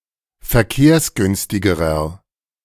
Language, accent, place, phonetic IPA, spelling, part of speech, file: German, Germany, Berlin, [fɛɐ̯ˈkeːɐ̯sˌɡʏnstɪɡəʁɐ], verkehrsgünstigerer, adjective, De-verkehrsgünstigerer.ogg
- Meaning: inflection of verkehrsgünstig: 1. strong/mixed nominative masculine singular comparative degree 2. strong genitive/dative feminine singular comparative degree